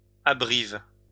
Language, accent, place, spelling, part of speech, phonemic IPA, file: French, France, Lyon, abrivent, noun, /a.bʁi.vɑ̃/, LL-Q150 (fra)-abrivent.wav
- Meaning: windbreak